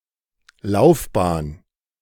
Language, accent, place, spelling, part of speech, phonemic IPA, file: German, Germany, Berlin, Laufbahn, noun, /ˈlaʊ̯fˌbaːn/, De-Laufbahn.ogg
- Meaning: 1. track 2. career